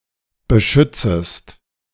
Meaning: second-person singular subjunctive I of beschützen
- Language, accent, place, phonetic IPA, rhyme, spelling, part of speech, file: German, Germany, Berlin, [bəˈʃʏt͡səst], -ʏt͡səst, beschützest, verb, De-beschützest.ogg